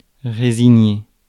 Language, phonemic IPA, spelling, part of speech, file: French, /ʁe.zi.ɲe/, résigner, verb, Fr-résigner.ogg
- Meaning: 1. to relinquish, renounce 2. to resign oneself (to)